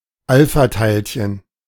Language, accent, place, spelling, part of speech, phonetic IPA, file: German, Germany, Berlin, Alphateilchen, noun, [ˈalfaˌtaɪ̯lçən], De-Alphateilchen.ogg
- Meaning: alpha particle